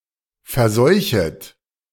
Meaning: second-person plural subjunctive I of verseuchen
- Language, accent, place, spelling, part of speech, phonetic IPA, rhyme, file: German, Germany, Berlin, verseuchet, verb, [fɛɐ̯ˈzɔɪ̯çət], -ɔɪ̯çət, De-verseuchet.ogg